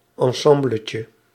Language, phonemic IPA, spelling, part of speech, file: Dutch, /ɑ̃ˈsɑ̃bləcə/, ensembletje, noun, Nl-ensembletje.ogg
- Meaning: diminutive of ensemble